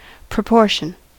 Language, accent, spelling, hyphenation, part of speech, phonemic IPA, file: English, US, proportion, pro‧por‧tion, noun / verb, /pɹəˈpɔɹʃən/, En-us-proportion.ogg
- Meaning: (noun) 1. A quantity of something that is part of the whole amount or number 2. Harmonious relation of parts to each other or to the whole 3. Proper or equal share